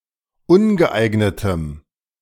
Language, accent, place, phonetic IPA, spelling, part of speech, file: German, Germany, Berlin, [ˈʊnɡəˌʔaɪ̯ɡnətəm], ungeeignetem, adjective, De-ungeeignetem.ogg
- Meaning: strong dative masculine/neuter singular of ungeeignet